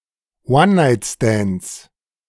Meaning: 1. genitive singular of One-Night-Stand 2. plural of One-Night-Stand
- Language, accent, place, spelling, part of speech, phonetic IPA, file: German, Germany, Berlin, One-Night-Stands, noun, [ˈwannaɪtstɛnds], De-One-Night-Stands.ogg